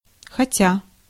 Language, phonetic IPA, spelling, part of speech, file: Russian, [xɐˈtʲa], хотя, conjunction / particle / verb, Ru-хотя.ogg
- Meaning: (conjunction) although, though (contrasting two clauses); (particle) at least (at a lower limit), even, if only; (verb) present adverbial imperfective participle of хоте́ть (xotétʹ)